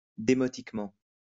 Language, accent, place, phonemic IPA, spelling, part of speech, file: French, France, Lyon, /de.mɔ.tik.mɑ̃/, démotiquement, adverb, LL-Q150 (fra)-démotiquement.wav
- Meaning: demotically